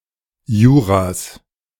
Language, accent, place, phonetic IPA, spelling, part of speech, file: German, Germany, Berlin, [ˈjuːʁas], Juras, noun, De-Juras.ogg
- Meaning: genitive singular of Jura